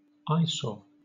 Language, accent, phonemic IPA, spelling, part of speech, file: English, Southern England, /ˈaɪsɔː/, eyesore, noun, LL-Q1860 (eng)-eyesore.wav
- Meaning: 1. An eye lesion 2. A displeasing sight; something prominently ugly or unsightly